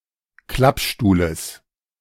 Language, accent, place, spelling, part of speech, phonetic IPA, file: German, Germany, Berlin, Klappstuhles, noun, [ˈklapˌʃtuːləs], De-Klappstuhles.ogg
- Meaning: genitive of Klappstuhl